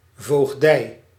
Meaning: tutorship
- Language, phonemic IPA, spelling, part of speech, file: Dutch, /voːɣˈdɛi̯/, voogdij, noun, Nl-voogdij.ogg